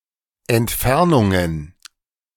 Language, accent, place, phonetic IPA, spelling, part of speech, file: German, Germany, Berlin, [ɛntˈfɛʁnʊŋən], Entfernungen, noun, De-Entfernungen.ogg
- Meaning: plural of Entfernung